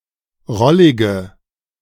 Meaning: inflection of rollig: 1. strong/mixed nominative/accusative feminine singular 2. strong nominative/accusative plural 3. weak nominative all-gender singular 4. weak accusative feminine/neuter singular
- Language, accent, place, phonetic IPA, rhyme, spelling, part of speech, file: German, Germany, Berlin, [ˈʁɔlɪɡə], -ɔlɪɡə, rollige, adjective, De-rollige.ogg